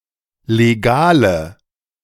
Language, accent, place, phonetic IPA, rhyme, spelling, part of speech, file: German, Germany, Berlin, [leˈɡaːlə], -aːlə, legale, adjective, De-legale.ogg
- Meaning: inflection of legal: 1. strong/mixed nominative/accusative feminine singular 2. strong nominative/accusative plural 3. weak nominative all-gender singular 4. weak accusative feminine/neuter singular